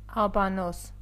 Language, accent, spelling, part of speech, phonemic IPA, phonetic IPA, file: Armenian, Eastern Armenian, աբանոս, noun, /ɑbɑˈnos/, [ɑbɑnós], Hy-աբանոս.ogg
- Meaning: rare form of եբենոս (ebenos)